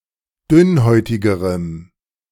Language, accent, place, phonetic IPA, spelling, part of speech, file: German, Germany, Berlin, [ˈdʏnˌhɔɪ̯tɪɡəʁəm], dünnhäutigerem, adjective, De-dünnhäutigerem.ogg
- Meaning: strong dative masculine/neuter singular comparative degree of dünnhäutig